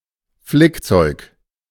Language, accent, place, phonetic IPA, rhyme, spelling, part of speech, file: German, Germany, Berlin, [ˈflɪkˌt͡sɔɪ̯k], -ɪkt͡sɔɪ̯k, Flickzeug, noun, De-Flickzeug.ogg
- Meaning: 1. sewing kit 2. tools for sewing, needles and thread